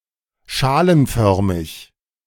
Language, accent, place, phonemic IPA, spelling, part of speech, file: German, Germany, Berlin, /ˈʃaːlənˌfœʁmɪç/, schalenförmig, adjective, De-schalenförmig.ogg
- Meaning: dished (in the shape of a dish)